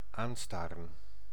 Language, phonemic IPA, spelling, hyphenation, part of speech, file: Dutch, /ˈaːnˌstaːrə(n)/, aanstaren, aan‧sta‧ren, verb, Nl-aanstaren.ogg
- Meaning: to stare at, to stare in the eyes/face, to gawk